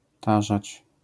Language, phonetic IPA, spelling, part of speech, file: Polish, [ˈtaʒat͡ɕ], tarzać, verb, LL-Q809 (pol)-tarzać.wav